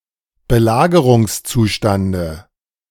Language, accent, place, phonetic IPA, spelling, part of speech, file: German, Germany, Berlin, [bəˈlaːɡəʁʊŋsˌt͡suːʃtandə], Belagerungszustande, noun, De-Belagerungszustande.ogg
- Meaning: dative of Belagerungszustand